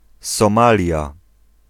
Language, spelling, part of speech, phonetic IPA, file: Polish, Somalia, proper noun, [sɔ̃ˈmalʲja], Pl-Somalia.ogg